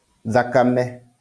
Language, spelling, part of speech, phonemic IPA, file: Kikuyu, thakame, noun, /ðàkámɛ́/, LL-Q33587 (kik)-thakame.wav
- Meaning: blood